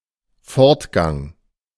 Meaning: march (steady forward movement or progression)
- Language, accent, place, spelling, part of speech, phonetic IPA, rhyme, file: German, Germany, Berlin, Fortgang, noun, [ˈfɔʁtˌɡaŋ], -ɔʁtɡaŋ, De-Fortgang.ogg